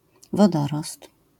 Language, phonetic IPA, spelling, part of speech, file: Polish, [vɔˈdɔrɔst], wodorost, noun, LL-Q809 (pol)-wodorost.wav